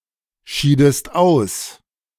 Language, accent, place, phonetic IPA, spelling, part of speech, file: German, Germany, Berlin, [ˌʃiːdəst ˈaʊ̯s], schiedest aus, verb, De-schiedest aus.ogg
- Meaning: inflection of ausscheiden: 1. second-person singular preterite 2. second-person singular subjunctive II